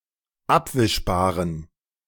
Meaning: inflection of abwischbar: 1. strong genitive masculine/neuter singular 2. weak/mixed genitive/dative all-gender singular 3. strong/weak/mixed accusative masculine singular 4. strong dative plural
- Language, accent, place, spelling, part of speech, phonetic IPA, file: German, Germany, Berlin, abwischbaren, adjective, [ˈapvɪʃbaːʁən], De-abwischbaren.ogg